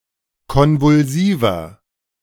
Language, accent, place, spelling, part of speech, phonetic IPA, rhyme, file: German, Germany, Berlin, konvulsiver, adjective, [ˌkɔnvʊlˈziːvɐ], -iːvɐ, De-konvulsiver.ogg
- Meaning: inflection of konvulsiv: 1. strong/mixed nominative masculine singular 2. strong genitive/dative feminine singular 3. strong genitive plural